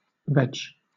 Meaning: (adjective) Vegetarian; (noun) 1. Vegetable(s) 2. Vegetarian food; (verb) to vegetate; to engage in complete inactivity; to rest
- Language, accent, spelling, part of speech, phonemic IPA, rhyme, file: English, Southern England, veg, adjective / noun / verb, /vɛd͡ʒ/, -ɛdʒ, LL-Q1860 (eng)-veg.wav